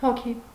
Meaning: 1. soul 2. ghost 3. person (in counting people)
- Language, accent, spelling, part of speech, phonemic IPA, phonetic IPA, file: Armenian, Eastern Armenian, հոգի, noun, /hoˈkʰi/, [hokʰí], Hy-հոգի.ogg